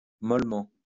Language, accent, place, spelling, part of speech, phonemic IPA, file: French, France, Lyon, mollement, adverb, /mɔl.mɑ̃/, LL-Q150 (fra)-mollement.wav
- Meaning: 1. softly 2. weakly; feebly 3. effeminately